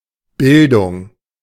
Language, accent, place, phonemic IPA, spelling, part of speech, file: German, Germany, Berlin, /ˈbɪldʊŋ/, Bildung, noun, De-Bildung.ogg
- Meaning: 1. cultivation, refinement, education, culture 2. formation, creation